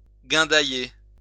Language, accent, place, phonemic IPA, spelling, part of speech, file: French, France, Lyon, /ɡɛ̃.da.je/, guindailler, verb, LL-Q150 (fra)-guindailler.wav
- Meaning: to carouse